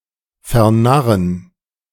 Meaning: to infatuate
- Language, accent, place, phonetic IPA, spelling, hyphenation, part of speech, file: German, Germany, Berlin, [fɛɐ̯ˈnaʁən], vernarren, ver‧nar‧ren, verb, De-vernarren.ogg